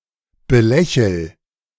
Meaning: inflection of belächeln: 1. first-person singular present 2. singular imperative
- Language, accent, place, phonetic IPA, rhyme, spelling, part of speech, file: German, Germany, Berlin, [bəˈlɛçl̩], -ɛçl̩, belächel, verb, De-belächel.ogg